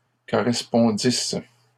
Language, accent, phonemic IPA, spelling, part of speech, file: French, Canada, /kɔ.ʁɛs.pɔ̃.dis/, correspondisse, verb, LL-Q150 (fra)-correspondisse.wav
- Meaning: first-person singular imperfect subjunctive of correspondre